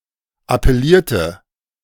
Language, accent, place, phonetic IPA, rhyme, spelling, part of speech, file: German, Germany, Berlin, [apɛˈliːɐ̯tə], -iːɐ̯tə, appellierte, verb, De-appellierte.ogg
- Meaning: inflection of appellieren: 1. first/third-person singular preterite 2. first/third-person singular subjunctive II